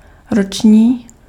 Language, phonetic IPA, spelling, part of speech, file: Czech, [ˈrot͡ʃɲiː], roční, adjective, Cs-roční.ogg
- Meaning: yearly, annual